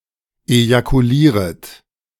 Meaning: second-person plural subjunctive I of ejakulieren
- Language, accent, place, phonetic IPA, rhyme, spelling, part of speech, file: German, Germany, Berlin, [ejakuˈliːʁət], -iːʁət, ejakulieret, verb, De-ejakulieret.ogg